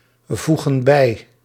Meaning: inflection of bijvoegen: 1. plural present indicative 2. plural present subjunctive
- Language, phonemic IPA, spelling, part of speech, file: Dutch, /ˈvuɣə(n) ˈbɛi/, voegen bij, verb, Nl-voegen bij.ogg